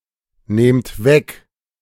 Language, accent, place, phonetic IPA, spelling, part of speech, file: German, Germany, Berlin, [ˌneːmt ˈvɛk], nehmt weg, verb, De-nehmt weg.ogg
- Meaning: inflection of wegnehmen: 1. second-person plural present 2. plural imperative